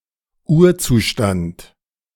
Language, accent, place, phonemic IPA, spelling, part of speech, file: German, Germany, Berlin, /ˈuːɐ̯ˌt͡suːʃtant/, Urzustand, noun, De-Urzustand.ogg
- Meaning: original or primal condition or state